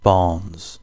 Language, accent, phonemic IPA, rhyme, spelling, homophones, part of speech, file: English, UK, /bɑː(ɹ)nz/, -ɑː(ɹ)nz, Barnes, barns, proper noun, En-uk-Barnes.ogg
- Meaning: 1. A surname 2. A surname.: An English toponymic surname transferred from the common noun for someone who owned, lived in, or worked in a barn